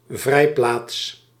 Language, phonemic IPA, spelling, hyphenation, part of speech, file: Dutch, /ˈvrɛi̯.plaːts/, vrijplaats, vrij‧plaats, noun, Nl-vrijplaats.ogg
- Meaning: refuge, safe haven, sanctuary (place that offers safety, in particular freedom from persecution or prosecution) (in a figurative sense used both positively and negatively)